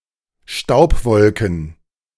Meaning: plural of Staubwolke
- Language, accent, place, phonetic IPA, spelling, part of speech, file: German, Germany, Berlin, [ˈʃtaʊ̯pˌvɔlkn̩], Staubwolken, noun, De-Staubwolken.ogg